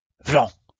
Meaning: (interjection) wham!, bang!, whack!, wallop!; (noun) bling
- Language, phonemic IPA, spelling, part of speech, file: French, /vlɑ̃/, vlan, interjection / noun, LL-Q150 (fra)-vlan.wav